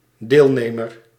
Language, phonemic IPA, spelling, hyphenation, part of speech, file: Dutch, /ˈdeːlˌneː.mər/, deelnemer, deel‧ne‧mer, noun, Nl-deelnemer.ogg
- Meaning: participant